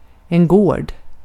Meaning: a property with houses in the countryside (sometimes along with farmland, pasture, etc.); an estate, a homestead, a farmstead, a ranch, etc
- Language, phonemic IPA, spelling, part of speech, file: Swedish, /ɡoːrd/, gård, noun, Sv-gård.ogg